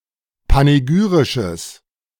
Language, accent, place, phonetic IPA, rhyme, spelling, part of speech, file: German, Germany, Berlin, [paneˈɡyːʁɪʃəs], -yːʁɪʃəs, panegyrisches, adjective, De-panegyrisches.ogg
- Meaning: strong/mixed nominative/accusative neuter singular of panegyrisch